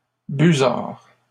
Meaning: plural of busard
- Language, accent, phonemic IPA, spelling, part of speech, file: French, Canada, /by.zaʁ/, busards, noun, LL-Q150 (fra)-busards.wav